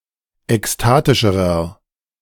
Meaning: inflection of ekstatisch: 1. strong/mixed nominative masculine singular comparative degree 2. strong genitive/dative feminine singular comparative degree 3. strong genitive plural comparative degree
- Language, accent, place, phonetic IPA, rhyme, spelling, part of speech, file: German, Germany, Berlin, [ɛksˈtaːtɪʃəʁɐ], -aːtɪʃəʁɐ, ekstatischerer, adjective, De-ekstatischerer.ogg